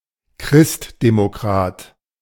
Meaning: Christian Democrat
- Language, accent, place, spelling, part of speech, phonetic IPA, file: German, Germany, Berlin, Christdemokrat, noun, [ˈkʁɪstdemoˌkʁaːt], De-Christdemokrat.ogg